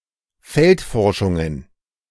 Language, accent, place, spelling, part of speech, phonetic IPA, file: German, Germany, Berlin, Feldforschungen, noun, [ˈfɛltˌfɔʁʃʊŋən], De-Feldforschungen.ogg
- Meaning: plural of Feldforschung